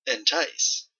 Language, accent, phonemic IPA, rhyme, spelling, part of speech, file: English, Canada, /ɪnˈtaɪs/, -aɪs, entice, verb, En-ca-entice.oga
- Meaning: To lure; to attract by arousing desire or hope